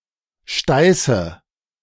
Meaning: nominative/accusative/genitive plural of Steiß
- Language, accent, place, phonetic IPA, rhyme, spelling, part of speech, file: German, Germany, Berlin, [ˈʃtaɪ̯sə], -aɪ̯sə, Steiße, noun, De-Steiße.ogg